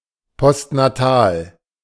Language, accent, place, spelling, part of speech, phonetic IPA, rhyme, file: German, Germany, Berlin, postnatal, adjective, [pɔstnaˈtaːl], -aːl, De-postnatal.ogg
- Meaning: postnatal